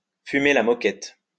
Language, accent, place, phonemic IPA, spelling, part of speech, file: French, France, Lyon, /fy.me la mɔ.kɛt/, fumer la moquette, verb, LL-Q150 (fra)-fumer la moquette.wav
- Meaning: Used as a jocular explanation of why someone is talking nonsense: they must be under the influence of drugs